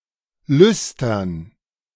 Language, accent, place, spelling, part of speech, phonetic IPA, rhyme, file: German, Germany, Berlin, Lüstern, noun, [ˈlʏstɐn], -ʏstɐn, De-Lüstern.ogg
- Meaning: dative plural of Lüster